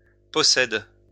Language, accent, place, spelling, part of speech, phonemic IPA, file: French, France, Lyon, possède, verb, /pɔ.sɛd/, LL-Q150 (fra)-possède.wav
- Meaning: inflection of posséder: 1. first/third-person singular present indicative/subjunctive 2. second-person singular imperative